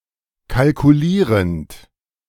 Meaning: present participle of kalkulieren
- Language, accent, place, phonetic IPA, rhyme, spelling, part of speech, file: German, Germany, Berlin, [kalkuˈliːʁənt], -iːʁənt, kalkulierend, verb, De-kalkulierend.ogg